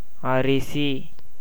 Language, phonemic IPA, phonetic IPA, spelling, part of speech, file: Tamil, /ɐɾɪtʃiː/, [ɐɾɪsiː], அரிசி, noun, Ta-அரிசி.ogg
- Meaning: 1. rice (husked and uncooked) 2. any husked grain